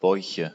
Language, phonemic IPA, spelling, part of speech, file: German, /bɔʏ̯çə/, Bäuche, noun, De-Bäuche.ogg
- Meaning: nominative/accusative/genitive plural of Bauch